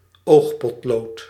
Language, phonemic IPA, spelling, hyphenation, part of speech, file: Dutch, /ˈoːx.pɔtˌloːt/, oogpotlood, oog‧pot‧lood, noun, Nl-oogpotlood.ogg
- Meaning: eyeliner pencil